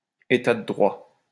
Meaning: nation of laws, rule-of-law state, constitutional state, legally constituted state
- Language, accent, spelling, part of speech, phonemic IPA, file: French, France, État de droit, noun, /e.ta də dʁwa/, LL-Q150 (fra)-État de droit.wav